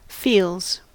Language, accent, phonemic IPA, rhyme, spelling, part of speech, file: English, US, /fiːlz/, -iːlz, feels, noun / verb / adjective, En-us-feels.ogg
- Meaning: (noun) 1. plural of feel, sensory perceptions that mainly or solely involve the sense of touch 2. Feelings; emotions; especially, tender sentiment